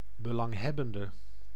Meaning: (adjective) inflection of belanghebbend: 1. masculine/feminine singular attributive 2. definite neuter singular attributive 3. plural attributive; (noun) interested party
- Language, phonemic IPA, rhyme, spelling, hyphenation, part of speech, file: Dutch, /bəˌlɑŋˈɦɛ.bən.də/, -ɛbəndə, belanghebbende, be‧lang‧heb‧ben‧de, adjective / noun, Nl-belanghebbende.ogg